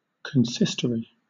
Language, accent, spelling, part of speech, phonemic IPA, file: English, Southern England, consistory, noun, /kənˈsɪstəɹi/, LL-Q1860 (eng)-consistory.wav
- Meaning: 1. A solemn assembly or council 2. The spiritual court of a diocesan bishop held before his chancellor or commissioner in his cathedral church or elsewhere